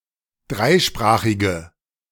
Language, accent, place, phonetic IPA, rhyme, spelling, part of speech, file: German, Germany, Berlin, [ˈdʁaɪ̯ˌʃpʁaːxɪɡə], -aɪ̯ʃpʁaːxɪɡə, dreisprachige, adjective, De-dreisprachige.ogg
- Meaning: inflection of dreisprachig: 1. strong/mixed nominative/accusative feminine singular 2. strong nominative/accusative plural 3. weak nominative all-gender singular